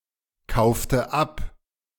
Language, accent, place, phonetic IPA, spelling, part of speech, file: German, Germany, Berlin, [ˌkaʊ̯ftə ˈap], kaufte ab, verb, De-kaufte ab.ogg
- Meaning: inflection of abkaufen: 1. first/third-person singular preterite 2. first/third-person singular subjunctive II